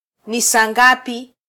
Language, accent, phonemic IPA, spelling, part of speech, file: Swahili, Kenya, /ni ˈsɑː ˈᵑɡɑ.pi/, ni saa ngapi, phrase, Sw-ke-ni saa ngapi.flac
- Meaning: what time is it?